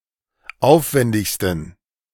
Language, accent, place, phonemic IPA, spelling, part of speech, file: German, Germany, Berlin, /ˈʔaʊ̯fvɛndɪçstn̩/, aufwendigsten, adjective, De-aufwendigsten.ogg
- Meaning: 1. superlative degree of aufwendig 2. inflection of aufwendig: strong genitive masculine/neuter singular superlative degree